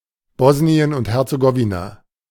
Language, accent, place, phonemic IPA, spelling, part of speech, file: German, Germany, Berlin, /ˈbɔsniən ʊnt ˌhɛʁtsəˈɡɔvina/, Bosnien und Herzegowina, proper noun, De-Bosnien und Herzegowina.ogg
- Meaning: Bosnia and Herzegovina (a country on the Balkan Peninsula in Southeastern Europe)